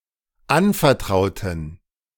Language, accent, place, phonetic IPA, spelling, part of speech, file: German, Germany, Berlin, [ˈanfɛɐ̯ˌtʁaʊ̯tn̩], anvertrauten, adjective / verb, De-anvertrauten.ogg
- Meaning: inflection of anvertrauen: 1. first/third-person plural dependent preterite 2. first/third-person plural dependent subjunctive II